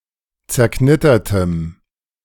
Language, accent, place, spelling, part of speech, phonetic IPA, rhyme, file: German, Germany, Berlin, zerknittertem, adjective, [t͡sɛɐ̯ˈknɪtɐtəm], -ɪtɐtəm, De-zerknittertem.ogg
- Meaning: strong dative masculine/neuter singular of zerknittert